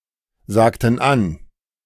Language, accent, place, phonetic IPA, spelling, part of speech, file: German, Germany, Berlin, [ˌzaːktn̩ ˈan], sagten an, verb, De-sagten an.ogg
- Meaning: inflection of ansagen: 1. first/third-person plural preterite 2. first/third-person plural subjunctive II